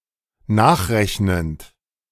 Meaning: present participle of nachrechnen
- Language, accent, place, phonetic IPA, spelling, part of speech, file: German, Germany, Berlin, [ˈnaːxˌʁɛçnənt], nachrechnend, verb, De-nachrechnend.ogg